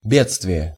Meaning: calamity, disaster
- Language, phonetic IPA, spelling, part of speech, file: Russian, [ˈbʲet͡stvʲɪje], бедствие, noun, Ru-бедствие.ogg